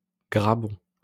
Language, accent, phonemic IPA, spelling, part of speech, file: French, France, /ɡʁa.bɔ̃/, grabon, noun, LL-Q150 (fra)-grabon.wav
- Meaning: barnacle